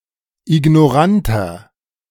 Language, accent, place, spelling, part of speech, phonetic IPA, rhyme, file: German, Germany, Berlin, ignoranter, adjective, [ɪɡnɔˈʁantɐ], -antɐ, De-ignoranter.ogg
- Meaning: 1. comparative degree of ignorant 2. inflection of ignorant: strong/mixed nominative masculine singular 3. inflection of ignorant: strong genitive/dative feminine singular